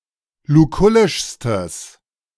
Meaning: strong/mixed nominative/accusative neuter singular superlative degree of lukullisch
- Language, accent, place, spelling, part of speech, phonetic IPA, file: German, Germany, Berlin, lukullischstes, adjective, [luˈkʊlɪʃstəs], De-lukullischstes.ogg